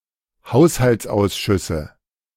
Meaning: nominative/accusative/genitive plural of Haushaltsausschuss
- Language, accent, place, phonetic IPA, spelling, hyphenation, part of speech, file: German, Germany, Berlin, [ˈhaʊ̯shalt͡sˌʔaʊ̯sʃʏsə], Haushaltsausschüsse, Haus‧halts‧aus‧schüs‧se, noun, De-Haushaltsausschüsse.ogg